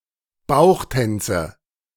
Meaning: nominative/accusative/genitive plural of Bauchtanz
- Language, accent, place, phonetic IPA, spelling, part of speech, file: German, Germany, Berlin, [ˈbaʊ̯xˌtɛnt͡sə], Bauchtänze, noun, De-Bauchtänze.ogg